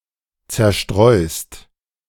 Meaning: second-person singular present of zerstreuen
- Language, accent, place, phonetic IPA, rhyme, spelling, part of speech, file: German, Germany, Berlin, [ˌt͡sɛɐ̯ˈʃtʁɔɪ̯st], -ɔɪ̯st, zerstreust, verb, De-zerstreust.ogg